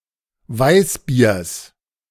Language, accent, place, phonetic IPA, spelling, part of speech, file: German, Germany, Berlin, [ˈvaɪ̯sˌbiːɐ̯s], Weißbiers, noun, De-Weißbiers.ogg
- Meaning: genitive singular of Weißbier